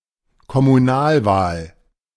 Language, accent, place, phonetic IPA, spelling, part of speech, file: German, Germany, Berlin, [kɔmuˈnaːlˌvaːl], Kommunalwahl, noun, De-Kommunalwahl.ogg
- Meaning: local (council) election